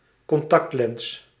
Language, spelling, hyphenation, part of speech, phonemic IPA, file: Dutch, contactlens, con‧tact‧lens, noun, /kɔnˈtɑktˌlɛns/, Nl-contactlens.ogg
- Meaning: contact lens